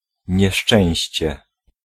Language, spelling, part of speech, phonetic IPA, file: Polish, nieszczęście, noun, [ɲɛˈʃt͡ʃɛ̃w̃ɕt͡ɕɛ], Pl-nieszczęście.ogg